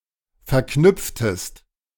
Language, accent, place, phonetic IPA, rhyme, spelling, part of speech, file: German, Germany, Berlin, [fɛɐ̯ˈknʏp͡ftəst], -ʏp͡ftəst, verknüpftest, verb, De-verknüpftest.ogg
- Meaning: inflection of verknüpfen: 1. second-person singular preterite 2. second-person singular subjunctive II